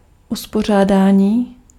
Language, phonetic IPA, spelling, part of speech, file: Czech, [ˈuspor̝aːdaːɲiː], uspořádání, noun, Cs-uspořádání.ogg
- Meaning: 1. verbal noun of uspořádat 2. partial order, partial ordering relation (order theory)